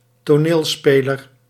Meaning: actor in a play, stage actor
- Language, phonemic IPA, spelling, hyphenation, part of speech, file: Dutch, /toːˈneːlˌspeː.lər/, toneelspeler, to‧neel‧spe‧ler, noun, Nl-toneelspeler.ogg